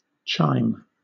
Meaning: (noun) A musical instrument producing a sound when struck, similar to a bell (e.g. a tubular metal bar) or actually a bell. Often used in the plural to refer to the set: the chimes
- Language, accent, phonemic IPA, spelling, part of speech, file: English, Southern England, /tʃaɪm/, chime, noun / verb, LL-Q1860 (eng)-chime.wav